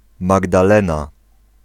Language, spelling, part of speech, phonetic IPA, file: Polish, Magdalena, proper noun, [ˌmaɡdaˈlɛ̃na], Pl-Magdalena.ogg